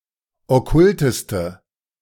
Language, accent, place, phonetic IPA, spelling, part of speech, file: German, Germany, Berlin, [ɔˈkʊltəstə], okkulteste, adjective, De-okkulteste.ogg
- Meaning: inflection of okkult: 1. strong/mixed nominative/accusative feminine singular superlative degree 2. strong nominative/accusative plural superlative degree